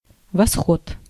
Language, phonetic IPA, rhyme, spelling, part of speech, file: Russian, [vɐˈsxot], -ot, восход, noun, Ru-восход.ogg
- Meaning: 1. rise 2. sunrise 3. east 4. Voskhod (Soviet spacecraft) 5. Voskhod (Soviet motorcycle)